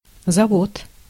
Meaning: 1. factory, plant 2. breeding farm (also in terms of husbandry) 3. winding mechanism 4. winding up
- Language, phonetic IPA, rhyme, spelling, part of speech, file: Russian, [zɐˈvot], -ot, завод, noun, Ru-завод.ogg